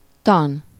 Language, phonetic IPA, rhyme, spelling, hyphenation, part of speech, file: Hungarian, [ˈtɒn], -ɒn, tan, tan, noun, Hu-tan.ogg
- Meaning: 1. doctrine, lore 2. science of, theory, branch of instruction 3. -logy, -ology, -graphy (a branch of learning; a study of a particular subject) 4. educational, academic